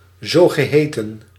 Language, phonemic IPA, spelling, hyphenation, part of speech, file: Dutch, /ˌzoː.ɣəˈɦeː.tə(n)/, zogeheten, zo‧ge‧he‧ten, adjective, Nl-zogeheten.ogg
- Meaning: so-called